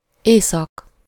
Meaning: north (one of the four major compass points)
- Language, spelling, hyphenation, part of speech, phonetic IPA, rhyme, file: Hungarian, észak, észak, noun, [ˈeːsɒk], -ɒk, Hu-észak.ogg